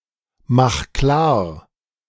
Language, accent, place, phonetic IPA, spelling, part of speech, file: German, Germany, Berlin, [ˌmax ˈklaːɐ̯], mach klar, verb, De-mach klar.ogg
- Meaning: 1. singular imperative of klarmachen 2. first-person singular present of klarmachen